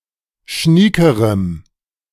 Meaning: strong dative masculine/neuter singular comparative degree of schnieke
- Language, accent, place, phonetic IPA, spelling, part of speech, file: German, Germany, Berlin, [ˈʃniːkəʁəm], schniekerem, adjective, De-schniekerem.ogg